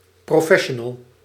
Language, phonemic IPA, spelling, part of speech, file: Dutch, /proˈfɛʃənəl/, professional, noun, Nl-professional.ogg
- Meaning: 1. a professional practitioner of a trade, métier 2. an expert in a (professional) field